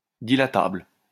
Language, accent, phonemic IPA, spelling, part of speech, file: French, France, /di.la.tabl/, dilatable, adjective, LL-Q150 (fra)-dilatable.wav
- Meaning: dilatable